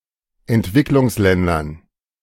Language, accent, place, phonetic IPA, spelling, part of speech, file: German, Germany, Berlin, [ɛntˈvɪklʊŋsˌlɛndɐn], Entwicklungsländern, noun, De-Entwicklungsländern.ogg
- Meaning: dative plural of Entwicklungsland